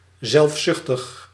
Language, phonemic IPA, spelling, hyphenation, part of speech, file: Dutch, /ˌzɛlfˈsʏx.təx/, zelfzuchtig, zelf‧zucht‧ig, adjective, Nl-zelfzuchtig.ogg
- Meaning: selfish, egoistic, self-centered